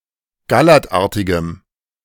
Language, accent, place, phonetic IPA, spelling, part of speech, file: German, Germany, Berlin, [ɡaˈlɛʁtˌʔaʁtɪɡəm], gallertartigem, adjective, De-gallertartigem.ogg
- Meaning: strong dative masculine/neuter singular of gallertartig